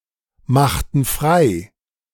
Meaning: inflection of freimachen: 1. first/third-person plural preterite 2. first/third-person plural subjunctive II
- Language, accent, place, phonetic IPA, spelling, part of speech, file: German, Germany, Berlin, [ˌmaxtn̩ ˈfʁaɪ̯], machten frei, verb, De-machten frei.ogg